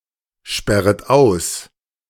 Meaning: second-person plural subjunctive I of aussperren
- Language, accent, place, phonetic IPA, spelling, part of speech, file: German, Germany, Berlin, [ˌʃpɛʁət ˈaʊ̯s], sperret aus, verb, De-sperret aus.ogg